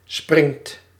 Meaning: inflection of springen: 1. second/third-person singular present indicative 2. plural imperative
- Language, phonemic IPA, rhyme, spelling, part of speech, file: Dutch, /sprɪŋt/, -ɪŋt, springt, verb, Nl-springt.ogg